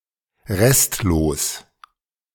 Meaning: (adjective) complete; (adverb) completely
- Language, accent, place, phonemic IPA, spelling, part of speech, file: German, Germany, Berlin, /ˈʁɛstloːs/, restlos, adjective / adverb, De-restlos.ogg